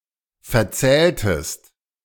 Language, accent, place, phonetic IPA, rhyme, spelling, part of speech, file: German, Germany, Berlin, [fɛɐ̯ˈt͡sɛːltəst], -ɛːltəst, verzähltest, verb, De-verzähltest.ogg
- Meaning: inflection of verzählen: 1. second-person singular preterite 2. second-person singular subjunctive II